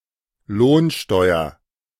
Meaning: wage tax
- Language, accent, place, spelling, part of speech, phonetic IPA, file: German, Germany, Berlin, Lohnsteuer, noun, [ˈloːnˌʃtɔɪ̯ɐ], De-Lohnsteuer.ogg